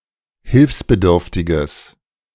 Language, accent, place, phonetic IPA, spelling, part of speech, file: German, Germany, Berlin, [ˈhɪlfsbəˌdʏʁftɪɡəs], hilfsbedürftiges, adjective, De-hilfsbedürftiges.ogg
- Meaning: strong/mixed nominative/accusative neuter singular of hilfsbedürftig